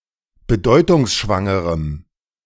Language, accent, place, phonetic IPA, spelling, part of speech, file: German, Germany, Berlin, [bəˈdɔɪ̯tʊŋsʃvaŋəʁəm], bedeutungsschwangerem, adjective, De-bedeutungsschwangerem.ogg
- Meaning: strong dative masculine/neuter singular of bedeutungsschwanger